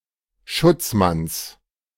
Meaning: genitive singular of Schutzmann
- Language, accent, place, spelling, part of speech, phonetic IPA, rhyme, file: German, Germany, Berlin, Schutzmanns, noun, [ˈʃʊt͡sˌmans], -ʊt͡smans, De-Schutzmanns.ogg